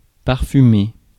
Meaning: to perfume (to apply a scent)
- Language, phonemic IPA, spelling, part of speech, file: French, /paʁ.fy.me/, parfumer, verb, Fr-parfumer.ogg